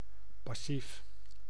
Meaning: passive (not active, but acted upon)
- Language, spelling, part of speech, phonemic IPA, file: Dutch, passief, adjective, /pɑˈsiːf/, Nl-passief.ogg